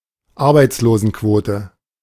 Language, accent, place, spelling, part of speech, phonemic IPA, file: German, Germany, Berlin, Arbeitslosenquote, noun, /ˈaʁbaɪ̯t͡sloːzn̩ˌkvoːtə/, De-Arbeitslosenquote.ogg
- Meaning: unemployment rate